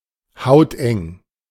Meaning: skintight
- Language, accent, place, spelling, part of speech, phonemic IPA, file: German, Germany, Berlin, hauteng, adjective, /ˈhaʊ̯tʔɛŋ/, De-hauteng.ogg